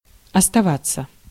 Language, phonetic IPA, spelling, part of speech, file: Russian, [ɐstɐˈvat͡sːə], оставаться, verb, Ru-оставаться.ogg
- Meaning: 1. to remain, to stay 2. to be left